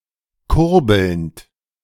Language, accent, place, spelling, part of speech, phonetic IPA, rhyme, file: German, Germany, Berlin, kurbelnd, verb, [ˈkʊʁbl̩nt], -ʊʁbl̩nt, De-kurbelnd.ogg
- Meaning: present participle of kurbeln